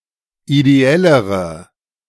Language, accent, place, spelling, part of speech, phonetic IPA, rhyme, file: German, Germany, Berlin, ideellere, adjective, [ideˈɛləʁə], -ɛləʁə, De-ideellere.ogg
- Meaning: inflection of ideell: 1. strong/mixed nominative/accusative feminine singular comparative degree 2. strong nominative/accusative plural comparative degree